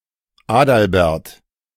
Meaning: 1. a male given name from Old High German, an old variant of Adelbert and Albert 2. a surname originating as a patronymic
- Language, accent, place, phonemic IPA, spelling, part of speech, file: German, Germany, Berlin, /ˈaːdalbɛʁt/, Adalbert, proper noun, De-Adalbert.ogg